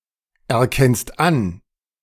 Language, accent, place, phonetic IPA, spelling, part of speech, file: German, Germany, Berlin, [ɛɐ̯ˌkɛnst ˈan], erkennst an, verb, De-erkennst an.ogg
- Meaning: second-person singular present of anerkennen